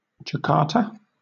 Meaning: 1. A province and capital city of Indonesia 2. The Indonesian government
- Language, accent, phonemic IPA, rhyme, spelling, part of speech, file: English, Southern England, /d͡ʒəˈkɑː(ɹ)tə/, -ɑː(ɹ)tə, Jakarta, proper noun, LL-Q1860 (eng)-Jakarta.wav